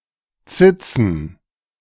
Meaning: plural of Zitze
- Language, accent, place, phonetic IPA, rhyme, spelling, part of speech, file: German, Germany, Berlin, [ˈt͡sɪt͡sn̩], -ɪt͡sn̩, Zitzen, noun, De-Zitzen.ogg